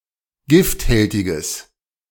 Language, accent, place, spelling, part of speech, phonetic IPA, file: German, Germany, Berlin, gifthältiges, adjective, [ˈɡɪftˌhɛltɪɡəs], De-gifthältiges.ogg
- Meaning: strong/mixed nominative/accusative neuter singular of gifthältig